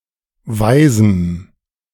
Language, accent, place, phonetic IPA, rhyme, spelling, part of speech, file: German, Germany, Berlin, [ˈvaɪ̯zm̩], -aɪ̯zm̩, weisem, adjective, De-weisem.ogg
- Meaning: strong dative masculine/neuter singular of weise